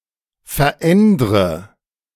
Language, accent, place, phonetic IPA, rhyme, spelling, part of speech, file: German, Germany, Berlin, [fɛɐ̯ˈʔɛndʁə], -ɛndʁə, verändre, verb, De-verändre.ogg
- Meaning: inflection of verändern: 1. first-person singular present 2. first/third-person singular subjunctive I 3. singular imperative